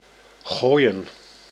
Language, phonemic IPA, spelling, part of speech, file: Dutch, /ˈɣoːi̯ə(n)/, gooien, verb, Nl-gooien.ogg
- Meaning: to throw